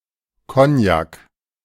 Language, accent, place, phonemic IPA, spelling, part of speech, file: German, Germany, Berlin, /ˈkɔnjak/, Kognak, noun, De-Kognak.ogg
- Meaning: 1. cognac 2. brandy (liquor)